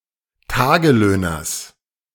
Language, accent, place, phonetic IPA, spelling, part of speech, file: German, Germany, Berlin, [ˈtaːɡəˌløːnɐs], Tagelöhners, noun, De-Tagelöhners.ogg
- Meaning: genitive singular of Tagelöhner